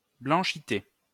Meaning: whiteness
- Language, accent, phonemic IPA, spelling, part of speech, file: French, France, /blɑ̃.ʃi.te/, blanchité, noun, LL-Q150 (fra)-blanchité.wav